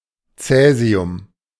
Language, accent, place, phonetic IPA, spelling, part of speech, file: German, Germany, Berlin, [ˈt͡sɛːzi̯ʊm], Cäsium, noun, De-Cäsium.ogg
- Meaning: cesium